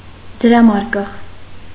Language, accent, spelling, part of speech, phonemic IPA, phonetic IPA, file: Armenian, Eastern Armenian, դրամարկղ, noun, /d(ə)ɾɑˈmɑɾkəʁ/, [d(ə)ɾɑmɑ́ɾkəʁ], Hy-դրամարկղ.ogg
- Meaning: 1. cash register, till 2. cashbox 3. accounting department (e.g., in an office) 4. synonym of տոմսարկղ (tomsarkġ)